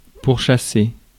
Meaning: to chase without relent; pursue
- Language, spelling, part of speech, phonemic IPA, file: French, pourchasser, verb, /puʁ.ʃa.se/, Fr-pourchasser.ogg